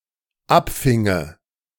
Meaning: first/third-person singular dependent subjunctive II of abfangen
- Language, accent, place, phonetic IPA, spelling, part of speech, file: German, Germany, Berlin, [ˈapˌfɪŋə], abfinge, verb, De-abfinge.ogg